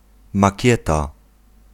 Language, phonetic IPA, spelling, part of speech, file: Polish, [maˈcɛta], makieta, noun, Pl-makieta.ogg